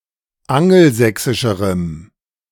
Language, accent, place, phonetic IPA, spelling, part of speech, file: German, Germany, Berlin, [ˈaŋl̩ˌzɛksɪʃəʁəm], angelsächsischerem, adjective, De-angelsächsischerem.ogg
- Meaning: strong dative masculine/neuter singular comparative degree of angelsächsisch